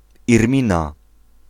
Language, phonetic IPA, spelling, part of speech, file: Polish, [irˈmʲĩna], Irmina, proper noun, Pl-Irmina.ogg